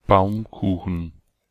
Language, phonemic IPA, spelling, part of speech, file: German, /ˈbaʊ̯mˌkuːχn̩/, Baumkuchen, noun, De-Baumkuchen.ogg
- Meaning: Baumkuchen (layered cake)